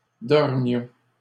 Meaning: inflection of dormir: 1. first-person plural imperfect indicative 2. first-person plural present subjunctive
- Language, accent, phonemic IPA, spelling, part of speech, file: French, Canada, /dɔʁ.mjɔ̃/, dormions, verb, LL-Q150 (fra)-dormions.wav